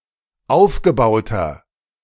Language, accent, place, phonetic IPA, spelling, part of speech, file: German, Germany, Berlin, [ˈaʊ̯fɡəˌbaʊ̯tɐ], aufgebauter, adjective, De-aufgebauter.ogg
- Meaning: inflection of aufgebaut: 1. strong/mixed nominative masculine singular 2. strong genitive/dative feminine singular 3. strong genitive plural